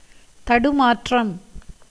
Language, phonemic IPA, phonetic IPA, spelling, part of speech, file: Tamil, /t̪ɐɖʊmɑːrːɐm/, [t̪ɐɖʊmäːtrɐm], தடுமாற்றம், noun, Ta-தடுமாற்றம்.ogg
- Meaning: 1. disorder, derangement, inconsistency (as in speech) 2. tottering, unsteadiness, stumbling, staggering, slipping 3. perplexity, confusion, bewilderment, mental disorder 4. doubt, hesitation